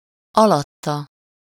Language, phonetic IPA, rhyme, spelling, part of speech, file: Hungarian, [ˈɒlɒtːɒ], -tɒ, alatta, pronoun, Hu-alatta.ogg
- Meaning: below/under/beneath him/her/it